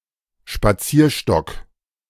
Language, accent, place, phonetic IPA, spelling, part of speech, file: German, Germany, Berlin, [ʃpaˈt͡siːɐ̯ˌʃtɔk], Spazierstock, noun, De-Spazierstock.ogg
- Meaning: walking stick, walking cane